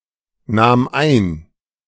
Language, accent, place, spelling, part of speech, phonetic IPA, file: German, Germany, Berlin, nahm ein, verb, [ˌnaːm ˈaɪ̯n], De-nahm ein.ogg
- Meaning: first/third-person singular preterite of einnehmen